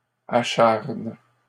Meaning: second-person singular present indicative/subjunctive of acharner
- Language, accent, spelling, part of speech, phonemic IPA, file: French, Canada, acharnes, verb, /a.ʃaʁn/, LL-Q150 (fra)-acharnes.wav